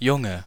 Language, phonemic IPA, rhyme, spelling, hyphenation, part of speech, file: German, /ˈjʊŋə/, -ʊŋə, Junge, Jun‧ge, noun, De-Junge.ogg
- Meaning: 1. boy 2. jack 3. inflection of Junges: strong nominative/accusative plural 4. inflection of Junges: weak nominative/accusative singular